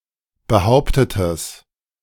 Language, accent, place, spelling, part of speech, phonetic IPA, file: German, Germany, Berlin, behauptetes, adjective, [bəˈhaʊ̯ptətəs], De-behauptetes.ogg
- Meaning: strong/mixed nominative/accusative neuter singular of behauptet